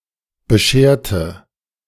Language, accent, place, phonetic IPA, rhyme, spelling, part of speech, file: German, Germany, Berlin, [bəˈʃeːɐ̯tə], -eːɐ̯tə, bescherte, adjective / verb, De-bescherte.ogg
- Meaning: inflection of bescheren: 1. first/third-person singular preterite 2. first/third-person singular subjunctive II